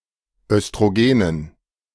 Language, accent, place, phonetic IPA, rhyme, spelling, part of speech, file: German, Germany, Berlin, [œstʁoˈɡeːnən], -eːnən, Östrogenen, noun, De-Östrogenen.ogg
- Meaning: dative plural of Östrogen